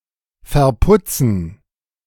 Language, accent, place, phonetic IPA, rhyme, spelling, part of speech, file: German, Germany, Berlin, [fɛɐ̯ˈpʊt͡sn̩], -ʊt͡sn̩, Verputzen, noun, De-Verputzen.ogg
- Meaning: gerund of verputzen